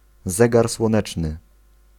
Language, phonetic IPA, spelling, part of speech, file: Polish, [ˈzɛɡar swɔ̃ˈnɛt͡ʃnɨ], zegar słoneczny, noun, Pl-zegar słoneczny.ogg